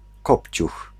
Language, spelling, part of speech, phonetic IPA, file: Polish, kopciuch, noun, [ˈkɔpʲt͡ɕux], Pl-kopciuch.ogg